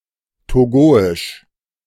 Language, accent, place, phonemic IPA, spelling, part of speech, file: German, Germany, Berlin, /ˈtoːɡoɪʃ/, togoisch, adjective, De-togoisch.ogg
- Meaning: of Togo; Togolese